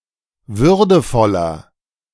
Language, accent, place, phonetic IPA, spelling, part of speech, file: German, Germany, Berlin, [ˈvʏʁdəfɔlɐ], würdevoller, adjective, De-würdevoller.ogg
- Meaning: 1. comparative degree of würdevoll 2. inflection of würdevoll: strong/mixed nominative masculine singular 3. inflection of würdevoll: strong genitive/dative feminine singular